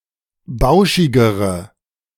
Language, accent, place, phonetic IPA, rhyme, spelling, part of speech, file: German, Germany, Berlin, [ˈbaʊ̯ʃɪɡəʁə], -aʊ̯ʃɪɡəʁə, bauschigere, adjective, De-bauschigere.ogg
- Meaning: inflection of bauschig: 1. strong/mixed nominative/accusative feminine singular comparative degree 2. strong nominative/accusative plural comparative degree